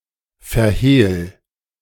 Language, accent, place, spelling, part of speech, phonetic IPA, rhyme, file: German, Germany, Berlin, verhehl, verb, [fɛɐ̯ˈheːl], -eːl, De-verhehl.ogg
- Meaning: 1. singular imperative of verhehlen 2. first-person singular present of verhehlen